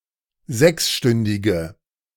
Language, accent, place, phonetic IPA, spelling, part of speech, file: German, Germany, Berlin, [ˈzɛksˌʃtʏndɪɡə], sechsstündige, adjective, De-sechsstündige.ogg
- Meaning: inflection of sechsstündig: 1. strong/mixed nominative/accusative feminine singular 2. strong nominative/accusative plural 3. weak nominative all-gender singular